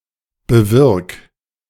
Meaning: 1. singular imperative of bewirken 2. first-person singular present of bewirken
- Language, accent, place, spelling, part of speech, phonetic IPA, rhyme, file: German, Germany, Berlin, bewirk, verb, [bəˈvɪʁk], -ɪʁk, De-bewirk.ogg